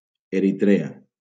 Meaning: Eritrea (a country in East Africa, on the Red Sea)
- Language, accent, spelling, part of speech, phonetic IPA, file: Catalan, Valencia, Eritrea, proper noun, [e.ɾiˈtɾe.a], LL-Q7026 (cat)-Eritrea.wav